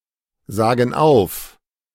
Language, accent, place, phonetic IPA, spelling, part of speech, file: German, Germany, Berlin, [ˌzaːɡn̩ ˈaʊ̯f], sagen auf, verb, De-sagen auf.ogg
- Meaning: inflection of aufsagen: 1. first/third-person plural present 2. first/third-person plural subjunctive I